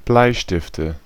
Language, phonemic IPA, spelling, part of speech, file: German, /ˈblaɪ̯ʃtɪftə/, Bleistifte, noun, De-Bleistifte.ogg
- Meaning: nominative/accusative/genitive plural of Bleistift